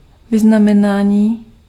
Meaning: 1. verbal noun of vyznamenat 2. award, decoration (any mark of honor to be worn upon the person) 3. honor, privilege
- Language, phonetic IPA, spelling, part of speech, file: Czech, [ˈvɪznamɛnaːɲiː], vyznamenání, noun, Cs-vyznamenání.ogg